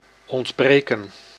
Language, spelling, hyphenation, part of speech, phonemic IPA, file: Dutch, ontbreken, ont‧bre‧ken, verb / noun, /ˌɔntˈbreː.kə(n)/, Nl-ontbreken.ogg
- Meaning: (verb) to be missing; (noun) absence, lack